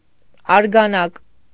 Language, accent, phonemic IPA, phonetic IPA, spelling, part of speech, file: Armenian, Eastern Armenian, /ɑɾɡɑˈnɑk/, [ɑɾɡɑnɑ́k], արգանակ, noun, Hy-արգանակ.ogg
- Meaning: broth